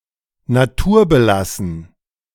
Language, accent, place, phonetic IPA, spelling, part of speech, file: German, Germany, Berlin, [naˈtuːɐ̯bəˌlasn̩], naturbelassen, adjective, De-naturbelassen.ogg
- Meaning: natural, untouched